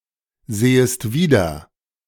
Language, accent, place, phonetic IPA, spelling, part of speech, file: German, Germany, Berlin, [ˌzeːəst ˈviːdɐ], sehest wieder, verb, De-sehest wieder.ogg
- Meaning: second-person singular subjunctive I of wiedersehen